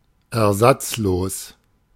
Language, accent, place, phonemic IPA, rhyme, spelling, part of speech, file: German, Germany, Berlin, /ɛɐ̯ˈzat͡sˌloːs/, -oːs, ersatzlos, adjective, De-ersatzlos.ogg
- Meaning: 1. without replacement 2. without compensation